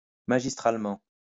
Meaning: brilliantly, masterfully
- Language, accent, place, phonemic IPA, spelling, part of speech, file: French, France, Lyon, /ma.ʒis.tʁal.mɑ̃/, magistralement, adverb, LL-Q150 (fra)-magistralement.wav